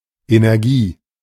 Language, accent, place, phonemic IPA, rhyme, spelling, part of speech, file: German, Germany, Berlin, /eneʁˈɡiː/, -iː, Energie, noun, De-Energie.ogg
- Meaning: energy